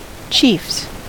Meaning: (noun) plural of chief; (verb) third-person singular simple present indicative of chief
- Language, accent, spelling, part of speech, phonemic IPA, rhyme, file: English, US, chiefs, noun / verb, /t͡ʃiːfs/, -iːfs, En-us-chiefs.ogg